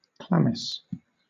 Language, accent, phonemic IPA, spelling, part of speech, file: English, Southern England, /ˈklamɪs/, chlamys, noun, LL-Q1860 (eng)-chlamys.wav
- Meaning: A short poncho-like cloak caught up on the shoulder, worn by hunters, soldiers, and horsemen in Ancient Greece